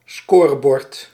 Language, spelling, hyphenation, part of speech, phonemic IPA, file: Dutch, scorebord, sco‧re‧bord, noun, /ˈskorəˌbɔrt/, Nl-scorebord.ogg
- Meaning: scoreboard